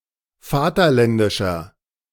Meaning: 1. comparative degree of vaterländisch 2. inflection of vaterländisch: strong/mixed nominative masculine singular 3. inflection of vaterländisch: strong genitive/dative feminine singular
- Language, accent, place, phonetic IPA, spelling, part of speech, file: German, Germany, Berlin, [ˈfaːtɐˌlɛndɪʃɐ], vaterländischer, adjective, De-vaterländischer.ogg